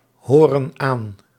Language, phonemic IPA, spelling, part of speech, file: Dutch, /ˈhorə(n) ˈan/, horen aan, verb, Nl-horen aan.ogg
- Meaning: inflection of aanhoren: 1. plural present indicative 2. plural present subjunctive